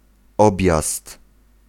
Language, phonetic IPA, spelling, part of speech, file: Polish, [ˈɔbʲjast], objazd, noun, Pl-objazd.ogg